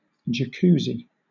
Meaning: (noun) A hot tub or whirlpool bath with underwater jets that massage the body; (verb) 1. To equip with a jacuzzi 2. To use a jacuzzi 3. To treat with a jacuzzi
- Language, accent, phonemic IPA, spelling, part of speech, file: English, Southern England, /d͡ʒəˈkuːzi/, jacuzzi, noun / verb, LL-Q1860 (eng)-jacuzzi.wav